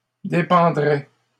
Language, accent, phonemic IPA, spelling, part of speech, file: French, Canada, /de.pɑ̃.dʁɛ/, dépendrait, verb, LL-Q150 (fra)-dépendrait.wav
- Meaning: third-person singular conditional of dépendre